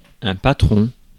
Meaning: 1. a boss, employer, 2. a head of a group of people, a department, a location, etc 3. a member of the upper classes who offered aid and protection to those lesser than them 4. a protector
- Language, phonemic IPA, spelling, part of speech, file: French, /pa.tʁɔ̃/, patron, noun, Fr-patron.ogg